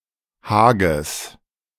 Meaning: genitive singular of Hag
- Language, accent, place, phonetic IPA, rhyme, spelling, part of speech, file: German, Germany, Berlin, [ˈhaːɡəs], -aːɡəs, Hages, noun, De-Hages.ogg